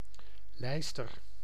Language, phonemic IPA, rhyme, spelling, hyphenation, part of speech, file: Dutch, /ˈlɛi̯s.tər/, -ɛi̯stər, lijster, lijs‧ter, noun, Nl-lijster.ogg
- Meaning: a thrush, one of several species of songbirds of the family Turdidae